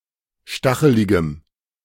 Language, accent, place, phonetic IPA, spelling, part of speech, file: German, Germany, Berlin, [ˈʃtaxəlɪɡəm], stacheligem, adjective, De-stacheligem.ogg
- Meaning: strong dative masculine/neuter singular of stachelig